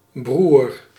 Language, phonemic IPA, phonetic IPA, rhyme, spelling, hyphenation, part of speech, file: Dutch, /brur/, [bruːr], -ur, broer, broer, noun, Nl-broer.ogg
- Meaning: 1. brother (male sibling) 2. bro